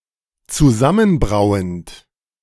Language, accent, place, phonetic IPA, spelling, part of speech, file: German, Germany, Berlin, [t͡suˈzamənˌbʁaʊ̯ənt], zusammenbrauend, verb, De-zusammenbrauend.ogg
- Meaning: present participle of zusammenbrauen